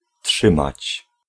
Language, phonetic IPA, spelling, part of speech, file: Polish, [ˈṭʃɨ̃mat͡ɕ], trzymać, verb, Pl-trzymać.ogg